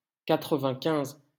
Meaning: ninety-five
- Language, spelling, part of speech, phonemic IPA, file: French, quatre-vingt-quinze, numeral, /ka.tʁə.vɛ̃.kɛ̃z/, LL-Q150 (fra)-quatre-vingt-quinze.wav